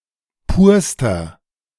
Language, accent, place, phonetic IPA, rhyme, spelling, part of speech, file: German, Germany, Berlin, [ˈpuːɐ̯stɐ], -uːɐ̯stɐ, purster, adjective, De-purster.ogg
- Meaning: inflection of pur: 1. strong/mixed nominative masculine singular superlative degree 2. strong genitive/dative feminine singular superlative degree 3. strong genitive plural superlative degree